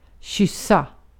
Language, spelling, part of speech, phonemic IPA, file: Swedish, kyssa, verb, /ˈɕʏsːa/, Sv-kyssa.ogg
- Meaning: to kiss passionately or with great affection (compare with pussa), to snog (UK)